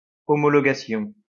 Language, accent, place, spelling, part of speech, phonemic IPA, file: French, France, Lyon, homologation, noun, /ɔ.mɔ.lɔ.ɡa.sjɔ̃/, LL-Q150 (fra)-homologation.wav
- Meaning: homologation